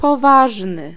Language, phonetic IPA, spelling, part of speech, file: Polish, [pɔˈvaʒnɨ], poważny, adjective, Pl-poważny.ogg